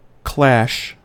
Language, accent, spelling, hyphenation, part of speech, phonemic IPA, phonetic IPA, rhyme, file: English, US, clash, clash, noun / verb, /ˈklæʃ/, [ˈkʰl̥æʃ], -æʃ, En-us-clash.ogg
- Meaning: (noun) 1. A loud sound, like the crashing together of metal objects; a crash 2. A skirmish, a hostile encounter 3. match; a game between two sides 4. An angry argument